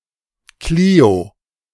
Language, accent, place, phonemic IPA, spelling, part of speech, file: German, Germany, Berlin, /ˈkliːo/, Klio, proper noun, De-Klio.ogg
- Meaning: Clio